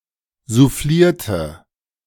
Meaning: inflection of soufflieren: 1. first/third-person singular preterite 2. first/third-person singular subjunctive II
- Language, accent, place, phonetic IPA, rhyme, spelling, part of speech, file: German, Germany, Berlin, [zuˈfliːɐ̯tə], -iːɐ̯tə, soufflierte, verb, De-soufflierte.ogg